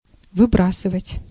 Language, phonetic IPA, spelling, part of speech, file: Russian, [vɨˈbrasɨvətʲ], выбрасывать, verb, Ru-выбрасывать.ogg
- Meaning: 1. to throw away (discard or dispose of) 2. to emit, to eject